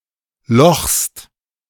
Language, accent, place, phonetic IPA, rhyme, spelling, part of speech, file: German, Germany, Berlin, [lɔxst], -ɔxst, lochst, verb, De-lochst.ogg
- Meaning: second-person singular present of lochen